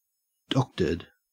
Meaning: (adjective) 1. Altered; falsified; skewed; manipulated 2. Repaired; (verb) past participle of doctor
- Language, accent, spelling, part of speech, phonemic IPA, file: English, Australia, doctored, adjective / verb, /ˈdɒktə(ɹ)d/, En-au-doctored.ogg